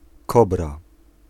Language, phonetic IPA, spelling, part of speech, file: Polish, [ˈkɔbra], kobra, noun, Pl-kobra.ogg